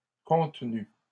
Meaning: feminine singular of contenu
- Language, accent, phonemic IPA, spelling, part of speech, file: French, Canada, /kɔ̃t.ny/, contenue, verb, LL-Q150 (fra)-contenue.wav